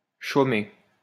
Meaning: alternative form of chômer
- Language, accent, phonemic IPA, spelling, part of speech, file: French, France, /ʃo.me/, chomer, verb, LL-Q150 (fra)-chomer.wav